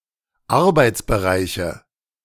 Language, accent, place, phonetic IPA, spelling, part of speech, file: German, Germany, Berlin, [ˈaʁbaɪ̯t͡sbəˌʁaɪ̯çə], Arbeitsbereiche, noun, De-Arbeitsbereiche.ogg
- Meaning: nominative/accusative/genitive plural of Arbeitsbereich